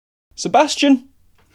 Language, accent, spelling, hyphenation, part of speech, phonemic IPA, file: English, UK, Sebastian, Se‧bas‧ti‧an, proper noun, /sɪˈbæsti.ən/, En-uk-sebastian.ogg
- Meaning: 1. A male given name from Latin or Ancient Greek 2. A town in the City of Greater Bendigo and the Shire of Loddon, central Victoria, Australia